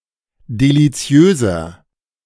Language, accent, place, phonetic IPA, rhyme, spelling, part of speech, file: German, Germany, Berlin, [deliˈt͡si̯øːzɐ], -øːzɐ, deliziöser, adjective, De-deliziöser.ogg
- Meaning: 1. comparative degree of deliziös 2. inflection of deliziös: strong/mixed nominative masculine singular 3. inflection of deliziös: strong genitive/dative feminine singular